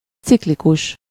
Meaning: 1. cyclic, cyclical 2. cyclic (having chains of atoms arranged in a ring) 3. cyclic (being generated by only one element) 4. cyclic (able to be inscribed in a circle)
- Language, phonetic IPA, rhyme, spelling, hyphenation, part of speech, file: Hungarian, [ˈt͡siklikuʃ], -uʃ, ciklikus, cik‧li‧kus, adjective, Hu-ciklikus.ogg